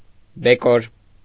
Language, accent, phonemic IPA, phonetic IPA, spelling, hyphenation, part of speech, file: Armenian, Eastern Armenian, /beˈkoɾ/, [bekóɾ], բեկոր, բե‧կոր, noun, Hy-բեկոր.ogg
- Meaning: 1. shard, piece 2. fragment, part 3. fraction, portion